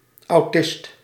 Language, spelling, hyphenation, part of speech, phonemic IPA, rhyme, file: Dutch, autist, au‧tist, noun, /ɑu̯ˈtɪst/, -ɪst, Nl-autist.ogg
- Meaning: autist, person with autism